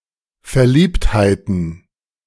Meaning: plural of Verliebtheit
- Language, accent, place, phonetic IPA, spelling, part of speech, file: German, Germany, Berlin, [fɛɐ̯ˈliːpthaɪ̯tn̩], Verliebtheiten, noun, De-Verliebtheiten.ogg